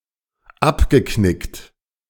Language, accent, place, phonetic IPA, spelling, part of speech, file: German, Germany, Berlin, [ˈapɡəˌknɪkt], abgeknickt, adjective / verb, De-abgeknickt.ogg
- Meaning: past participle of abknicken